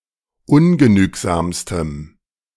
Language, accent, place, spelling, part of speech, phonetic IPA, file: German, Germany, Berlin, ungenügsamstem, adjective, [ˈʊnɡəˌnyːkzaːmstəm], De-ungenügsamstem.ogg
- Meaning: strong dative masculine/neuter singular superlative degree of ungenügsam